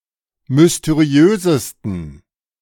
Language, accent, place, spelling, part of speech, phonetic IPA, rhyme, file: German, Germany, Berlin, mysteriösesten, adjective, [mʏsteˈʁi̯øːzəstn̩], -øːzəstn̩, De-mysteriösesten.ogg
- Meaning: 1. superlative degree of mysteriös 2. inflection of mysteriös: strong genitive masculine/neuter singular superlative degree